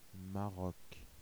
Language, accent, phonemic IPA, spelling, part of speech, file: French, France, /ma.ʁɔk/, Maroc, proper noun, Fr-Maroc.ogg
- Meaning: Morocco (a country in North Africa)